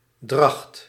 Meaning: 1. the act of bearing or wearing something 2. type of clothing that is typical for a time period or function 3. state of pregnancy 4. the foetus when carried in the womb 5. range of radiation
- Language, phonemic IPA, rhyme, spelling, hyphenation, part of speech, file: Dutch, /drɑxt/, -ɑxt, dracht, dracht, noun, Nl-dracht.ogg